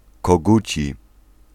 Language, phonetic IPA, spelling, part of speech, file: Polish, [kɔˈɡut͡ɕi], koguci, adjective, Pl-koguci.ogg